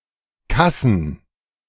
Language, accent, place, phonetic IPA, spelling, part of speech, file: German, Germany, Berlin, [ˈkasn̩], Kassen, noun, De-Kassen.ogg
- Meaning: plural of Kasse